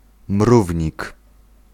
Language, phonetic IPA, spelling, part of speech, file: Polish, [ˈmruvʲɲik], mrównik, noun, Pl-mrównik.ogg